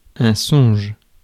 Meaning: dream
- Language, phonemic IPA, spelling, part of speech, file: French, /sɔ̃ʒ/, songe, noun, Fr-songe.ogg